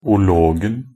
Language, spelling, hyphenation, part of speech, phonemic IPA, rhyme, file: Norwegian Bokmål, -ologen, -o‧log‧en, suffix, /ʊˈloːɡn̩/, -oːɡn̩, Nb--ologen.ogg
- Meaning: definite singular of -log